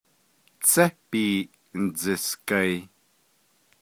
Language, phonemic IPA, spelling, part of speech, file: Navajo, /t͡sʰɛ́ pìːʔ ǹ̩t͡sɪ̀skɑ̀ìː/, Tsé Biiʼ Ndzisgaii, proper noun, Nv-Tsé Biiʼ Ndzisgaii.ogg
- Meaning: Monument Valley